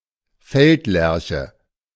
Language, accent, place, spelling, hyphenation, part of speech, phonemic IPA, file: German, Germany, Berlin, Feldlerche, Feld‧ler‧che, noun, /ˈfɛltˌlɛʁçə/, De-Feldlerche.ogg
- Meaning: skylark